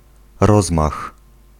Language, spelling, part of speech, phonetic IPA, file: Polish, rozmach, noun, [ˈrɔzmax], Pl-rozmach.ogg